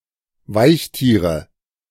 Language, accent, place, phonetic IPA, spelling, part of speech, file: German, Germany, Berlin, [ˈvaɪ̯çˌtiːʁə], Weichtiere, noun, De-Weichtiere.ogg
- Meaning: nominative/accusative/genitive plural of Weichtier